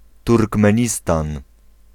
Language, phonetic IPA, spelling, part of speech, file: Polish, [ˌturkmɛ̃ˈɲistãn], Turkmenistan, proper noun, Pl-Turkmenistan.ogg